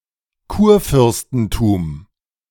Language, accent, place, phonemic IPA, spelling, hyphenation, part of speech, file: German, Germany, Berlin, /ˈkuːɐ̯ˌfʏʁstn̩tum/, Kurfürstentum, Kur‧fürs‧ten‧tum, noun, De-Kurfürstentum.ogg
- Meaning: electorate